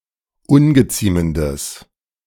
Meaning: strong/mixed nominative/accusative neuter singular of ungeziemend
- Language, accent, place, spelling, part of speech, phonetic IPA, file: German, Germany, Berlin, ungeziemendes, adjective, [ˈʊnɡəˌt͡siːməndəs], De-ungeziemendes.ogg